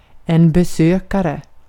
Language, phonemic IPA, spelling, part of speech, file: Swedish, /bɛˈsøːkarɛ/, besökare, noun, Sv-besökare.ogg
- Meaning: 1. visitor 2. customs agent, customs inspector